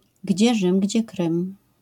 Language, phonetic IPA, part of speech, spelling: Polish, [ˈɟd͡ʑɛ ˈʒɨ̃m ˈɟd͡ʑɛ ˈkrɨ̃m], proverb, gdzie Rzym, gdzie Krym